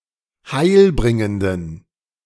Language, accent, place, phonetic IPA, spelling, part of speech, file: German, Germany, Berlin, [ˈhaɪ̯lˌbʁɪŋəndn̩], heilbringenden, adjective, De-heilbringenden.ogg
- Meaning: inflection of heilbringend: 1. strong genitive masculine/neuter singular 2. weak/mixed genitive/dative all-gender singular 3. strong/weak/mixed accusative masculine singular 4. strong dative plural